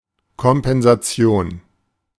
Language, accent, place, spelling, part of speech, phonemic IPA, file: German, Germany, Berlin, Kompensation, noun, /kɔmpɛnzaˈtsi̯oːn/, De-Kompensation.ogg
- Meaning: 1. compensation 2. compensation balance, gridiron pendulum